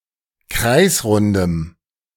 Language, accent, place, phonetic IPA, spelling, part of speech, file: German, Germany, Berlin, [ˈkʁaɪ̯sˌʁʊndəm], kreisrundem, adjective, De-kreisrundem.ogg
- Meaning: strong dative masculine/neuter singular of kreisrund